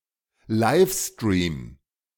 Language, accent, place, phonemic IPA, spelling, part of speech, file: German, Germany, Berlin, /ˈlaɪ̯fstriːm/, Livestream, noun, De-Livestream.ogg
- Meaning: live stream